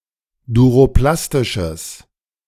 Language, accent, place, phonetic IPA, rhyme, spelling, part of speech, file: German, Germany, Berlin, [duʁoˈplastɪʃəs], -astɪʃəs, duroplastisches, adjective, De-duroplastisches.ogg
- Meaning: strong/mixed nominative/accusative neuter singular of duroplastisch